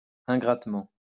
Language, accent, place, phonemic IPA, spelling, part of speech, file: French, France, Lyon, /ɛ̃.ɡʁat.mɑ̃/, ingratement, adverb, LL-Q150 (fra)-ingratement.wav
- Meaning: ungratefully